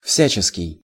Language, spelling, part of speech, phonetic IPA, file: Russian, всяческий, adjective, [ˈfsʲæt͡ɕɪskʲɪj], Ru-всяческий.ogg
- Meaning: of every kind, of all kinds; various